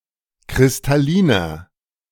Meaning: inflection of kristallin: 1. strong/mixed nominative masculine singular 2. strong genitive/dative feminine singular 3. strong genitive plural
- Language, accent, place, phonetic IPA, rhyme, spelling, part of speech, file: German, Germany, Berlin, [kʁɪstaˈliːnɐ], -iːnɐ, kristalliner, adjective, De-kristalliner.ogg